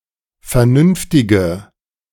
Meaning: inflection of vernünftig: 1. strong/mixed nominative/accusative feminine singular 2. strong nominative/accusative plural 3. weak nominative all-gender singular
- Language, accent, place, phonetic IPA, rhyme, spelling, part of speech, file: German, Germany, Berlin, [fɛɐ̯ˈnʏnftɪɡə], -ʏnftɪɡə, vernünftige, adjective, De-vernünftige.ogg